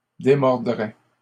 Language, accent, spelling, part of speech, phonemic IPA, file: French, Canada, démordrait, verb, /de.mɔʁ.dʁɛ/, LL-Q150 (fra)-démordrait.wav
- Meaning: third-person singular conditional of démordre